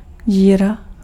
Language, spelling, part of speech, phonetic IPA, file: Czech, díra, noun, [ˈɟiːra], Cs-díra.ogg
- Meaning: 1. hole (hollow in some surface) 2. hole (opening in a solid) 3. hole (undesirable place to live)